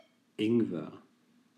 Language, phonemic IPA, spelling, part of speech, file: German, /ˈɪŋvər/, Ingwer, noun, De-Ingwer.ogg
- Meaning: ginger